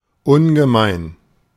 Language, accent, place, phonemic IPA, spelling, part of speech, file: German, Germany, Berlin, /ˈʊnɡəˌmaɪ̯n/, ungemein, adjective, De-ungemein.ogg
- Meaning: uncommonly, very, tremendously